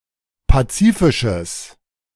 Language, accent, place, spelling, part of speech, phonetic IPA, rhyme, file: German, Germany, Berlin, pazifisches, adjective, [ˌpaˈt͡siːfɪʃəs], -iːfɪʃəs, De-pazifisches.ogg
- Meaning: strong/mixed nominative/accusative neuter singular of pazifisch